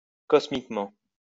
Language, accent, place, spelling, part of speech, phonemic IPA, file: French, France, Lyon, cosmiquement, adverb, /kɔs.mik.mɑ̃/, LL-Q150 (fra)-cosmiquement.wav
- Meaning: cosmically